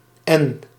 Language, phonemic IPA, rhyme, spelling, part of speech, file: Dutch, /ɛn/, -ɛn, n, character, Nl-n.ogg
- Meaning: The fourteenth letter of the Dutch alphabet, written in the Latin script